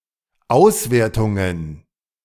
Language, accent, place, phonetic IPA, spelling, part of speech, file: German, Germany, Berlin, [ˈaʊ̯sveːɐ̯tʊŋən], Auswertungen, noun, De-Auswertungen.ogg
- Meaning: plural of Auswertung